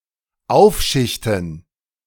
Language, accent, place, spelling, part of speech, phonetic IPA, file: German, Germany, Berlin, aufschichten, verb, [ˈaʊ̯fˌʃɪçtn̩], De-aufschichten.ogg
- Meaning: to pile up